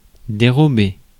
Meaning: 1. to conceal, screen, shield (à from) 2. to steal (à from) 3. to turn away (one's head, gaze etc.) 4. to shirk, shy away (à from) 5. to hide (oneself) 6. to slip away (free oneself)
- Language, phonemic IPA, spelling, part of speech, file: French, /de.ʁɔ.be/, dérober, verb, Fr-dérober.ogg